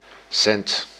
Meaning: 1. cent, a subunit of currency equal to one-hundredth of the main unit of the Dutch guilder 2. cent, a subunit of currency equal to one-hundredth of the euro
- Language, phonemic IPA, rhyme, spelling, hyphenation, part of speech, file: Dutch, /sɛnt/, -ɛnt, cent, cent, noun, Nl-cent.ogg